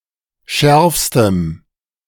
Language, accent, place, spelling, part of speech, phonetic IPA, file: German, Germany, Berlin, schärfstem, adjective, [ˈʃɛʁfstəm], De-schärfstem.ogg
- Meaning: strong dative masculine/neuter singular superlative degree of scharf